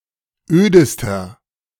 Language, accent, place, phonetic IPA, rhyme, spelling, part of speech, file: German, Germany, Berlin, [ˈøːdəstɐ], -øːdəstɐ, ödester, adjective, De-ödester.ogg
- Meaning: inflection of öd: 1. strong/mixed nominative masculine singular superlative degree 2. strong genitive/dative feminine singular superlative degree 3. strong genitive plural superlative degree